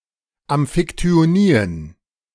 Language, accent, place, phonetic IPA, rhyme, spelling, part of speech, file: German, Germany, Berlin, [ˌamfɪktyoˈniːən], -iːən, Amphiktyonien, noun, De-Amphiktyonien.ogg
- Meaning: plural of Amphiktyonie